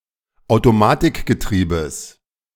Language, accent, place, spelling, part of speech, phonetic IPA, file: German, Germany, Berlin, Automatikgetriebes, noun, [aʊ̯toˈmaːtɪkɡəˌtʁiːbəs], De-Automatikgetriebes.ogg
- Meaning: genitive singular of Automatikgetriebe